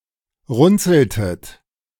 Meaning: inflection of runzeln: 1. second-person plural preterite 2. second-person plural subjunctive II
- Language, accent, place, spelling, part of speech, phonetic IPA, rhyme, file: German, Germany, Berlin, runzeltet, verb, [ˈʁʊnt͡sl̩tət], -ʊnt͡sl̩tət, De-runzeltet.ogg